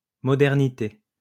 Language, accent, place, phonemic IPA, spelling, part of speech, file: French, France, Lyon, /mɔ.dɛʁ.ni.te/, modernité, noun, LL-Q150 (fra)-modernité.wav
- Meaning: modernity